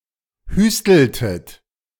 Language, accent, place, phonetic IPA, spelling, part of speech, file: German, Germany, Berlin, [ˈhyːstl̩tət], hüsteltet, verb, De-hüsteltet.ogg
- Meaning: inflection of hüsteln: 1. second-person plural preterite 2. second-person plural subjunctive II